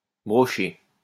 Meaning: 1. to stitch, sew (together) 2. to brocade
- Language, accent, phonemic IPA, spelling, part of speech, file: French, France, /bʁɔ.ʃe/, brocher, verb, LL-Q150 (fra)-brocher.wav